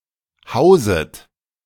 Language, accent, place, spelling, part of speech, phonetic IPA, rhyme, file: German, Germany, Berlin, hauset, verb, [ˈhaʊ̯zət], -aʊ̯zət, De-hauset.ogg
- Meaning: second-person plural subjunctive I of hausen